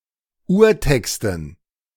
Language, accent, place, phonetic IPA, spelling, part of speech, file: German, Germany, Berlin, [ˈuːɐ̯ˌtɛkstn̩], Urtexten, noun, De-Urtexten.ogg
- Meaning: dative plural of Urtext